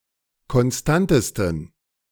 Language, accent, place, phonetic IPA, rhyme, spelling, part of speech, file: German, Germany, Berlin, [kɔnˈstantəstn̩], -antəstn̩, konstantesten, adjective, De-konstantesten.ogg
- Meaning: 1. superlative degree of konstant 2. inflection of konstant: strong genitive masculine/neuter singular superlative degree